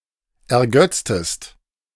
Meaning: inflection of ergötzen: 1. second-person singular preterite 2. second-person singular subjunctive II
- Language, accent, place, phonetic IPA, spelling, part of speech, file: German, Germany, Berlin, [ɛɐ̯ˈɡœt͡stəst], ergötztest, verb, De-ergötztest.ogg